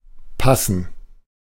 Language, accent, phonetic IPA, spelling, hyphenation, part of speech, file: German, Germany, [ˈpʰasn̩], passen, pas‧sen, verb, De-passen.ogg
- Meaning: 1. to fit 2. to suit, to be suitable for [with dative ‘someone/something’] or 3. to be alright, to be fine 4. to go with (to correspond or fit well with, to match) 5. to match (e.g., a description)